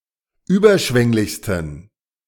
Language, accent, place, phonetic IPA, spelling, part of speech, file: German, Germany, Berlin, [ˈyːbɐˌʃvɛŋlɪçstn̩], überschwänglichsten, adjective, De-überschwänglichsten.ogg
- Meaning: 1. superlative degree of überschwänglich 2. inflection of überschwänglich: strong genitive masculine/neuter singular superlative degree